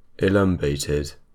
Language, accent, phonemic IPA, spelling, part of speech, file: English, UK, /ɪˈlʌmbeɪtɪd/, elumbated, adjective, En-uk-elumbated.ogg
- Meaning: weak or lame in the loins